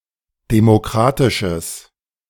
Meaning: strong/mixed nominative/accusative neuter singular of demokratisch
- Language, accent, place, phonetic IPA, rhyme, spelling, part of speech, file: German, Germany, Berlin, [demoˈkʁaːtɪʃəs], -aːtɪʃəs, demokratisches, adjective, De-demokratisches.ogg